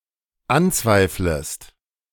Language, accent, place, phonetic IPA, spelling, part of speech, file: German, Germany, Berlin, [ˈanˌt͡svaɪ̯fləst], anzweiflest, verb, De-anzweiflest.ogg
- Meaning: second-person singular dependent subjunctive I of anzweifeln